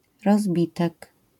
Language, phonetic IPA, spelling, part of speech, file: Polish, [rɔzˈbʲitɛk], rozbitek, noun, LL-Q809 (pol)-rozbitek.wav